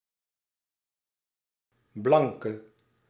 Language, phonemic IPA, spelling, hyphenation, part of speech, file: Dutch, /ˈblɑŋ.kə/, blanke, blan‧ke, noun / adjective, Nl-blanke.ogg
- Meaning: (noun) a white person, someone with a light skin colour; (adjective) inflection of blank: 1. masculine/feminine singular attributive 2. definite neuter singular attributive 3. plural attributive